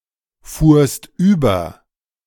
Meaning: second-person singular preterite of überfahren
- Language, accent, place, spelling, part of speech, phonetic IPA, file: German, Germany, Berlin, fuhrst über, verb, [ˌfuːɐ̯st ˈyːbɐ], De-fuhrst über.ogg